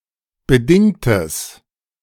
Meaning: strong/mixed nominative/accusative neuter singular of bedingt
- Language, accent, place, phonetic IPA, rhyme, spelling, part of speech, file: German, Germany, Berlin, [bəˈdɪŋtəs], -ɪŋtəs, bedingtes, adjective, De-bedingtes.ogg